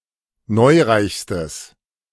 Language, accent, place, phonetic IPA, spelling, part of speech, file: German, Germany, Berlin, [ˈnɔɪ̯ˌʁaɪ̯çstəs], neureichstes, adjective, De-neureichstes.ogg
- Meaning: strong/mixed nominative/accusative neuter singular superlative degree of neureich